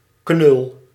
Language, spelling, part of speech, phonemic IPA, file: Dutch, knul, noun, /knʏl/, Nl-knul.ogg
- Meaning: 1. a boy or young man, guy, kid, dude 2. a crude boor, lout, sull; the diminutive often lacks the derogatory connotation